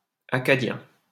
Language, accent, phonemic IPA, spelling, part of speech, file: French, France, /a.ka.djɛ̃/, Acadien, noun, LL-Q150 (fra)-Acadien.wav
- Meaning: Acadian (a native of Acadia)